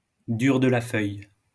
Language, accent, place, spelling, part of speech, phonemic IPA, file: French, France, Lyon, dur de la feuille, adjective, /dyʁ də la fœj/, LL-Q150 (fra)-dur de la feuille.wav
- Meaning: hard of hearing